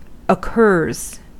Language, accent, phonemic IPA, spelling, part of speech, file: English, US, /əˈkɝz/, occurs, verb, En-us-occurs.ogg
- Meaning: third-person singular simple present indicative of occur